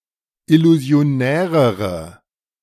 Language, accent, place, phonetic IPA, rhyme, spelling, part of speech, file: German, Germany, Berlin, [ɪluzi̯oˈnɛːʁəʁə], -ɛːʁəʁə, illusionärere, adjective, De-illusionärere.ogg
- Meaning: inflection of illusionär: 1. strong/mixed nominative/accusative feminine singular comparative degree 2. strong nominative/accusative plural comparative degree